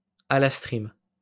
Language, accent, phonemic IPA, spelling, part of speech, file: French, France, /a.las.tʁim/, alastrim, noun, LL-Q150 (fra)-alastrim.wav
- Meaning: alastrim